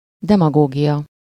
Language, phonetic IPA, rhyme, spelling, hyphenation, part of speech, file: Hungarian, [ˈdɛmɒɡoːɡijɒ], -jɒ, demagógia, de‧ma‧gó‧gia, noun, Hu-demagógia.ogg
- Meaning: demagogy